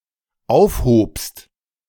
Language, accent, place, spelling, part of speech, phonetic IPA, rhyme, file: German, Germany, Berlin, aufhobst, verb, [ˈaʊ̯fˌhoːpst], -aʊ̯fhoːpst, De-aufhobst.ogg
- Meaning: second-person singular dependent preterite of aufheben